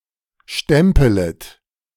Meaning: second-person plural subjunctive I of stempeln
- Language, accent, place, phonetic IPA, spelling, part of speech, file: German, Germany, Berlin, [ˈʃtɛmpələt], stempelet, verb, De-stempelet.ogg